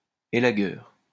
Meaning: 1. tree surgeon 2. pruner (device)
- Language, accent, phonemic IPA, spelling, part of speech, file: French, France, /e.la.ɡœʁ/, élagueur, noun, LL-Q150 (fra)-élagueur.wav